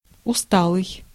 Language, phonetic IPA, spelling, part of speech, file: Russian, [ʊˈstaɫɨj], усталый, adjective, Ru-усталый.ogg
- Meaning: weary, tired, fatigued